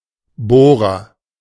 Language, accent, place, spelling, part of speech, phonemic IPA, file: German, Germany, Berlin, Bohrer, noun, /ˈboːʁɐ/, De-Bohrer.ogg
- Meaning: 1. agent noun of bohren 2. agent noun of bohren: drill (tool)